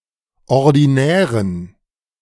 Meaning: inflection of ordinär: 1. strong genitive masculine/neuter singular 2. weak/mixed genitive/dative all-gender singular 3. strong/weak/mixed accusative masculine singular 4. strong dative plural
- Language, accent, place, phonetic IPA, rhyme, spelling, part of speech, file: German, Germany, Berlin, [ɔʁdiˈnɛːʁən], -ɛːʁən, ordinären, adjective, De-ordinären.ogg